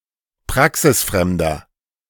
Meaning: 1. comparative degree of praxisfremd 2. inflection of praxisfremd: strong/mixed nominative masculine singular 3. inflection of praxisfremd: strong genitive/dative feminine singular
- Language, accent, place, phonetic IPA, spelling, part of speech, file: German, Germany, Berlin, [ˈpʁaksɪsˌfʁɛmdɐ], praxisfremder, adjective, De-praxisfremder.ogg